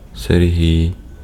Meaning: a male given name, Serhiy, from Latin, equivalent to English Sergius
- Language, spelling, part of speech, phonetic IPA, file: Ukrainian, Сергій, proper noun, [serˈɦʲii̯], Uk-Сергій.ogg